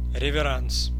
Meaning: 1. curtsey 2. servility
- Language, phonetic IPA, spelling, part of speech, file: Russian, [rʲɪvʲɪˈrans], реверанс, noun, Ru-реверанс.ogg